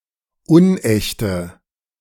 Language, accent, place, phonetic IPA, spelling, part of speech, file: German, Germany, Berlin, [ˈʊnˌʔɛçtə], unechte, adjective, De-unechte.ogg
- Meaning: inflection of unecht: 1. strong/mixed nominative/accusative feminine singular 2. strong nominative/accusative plural 3. weak nominative all-gender singular 4. weak accusative feminine/neuter singular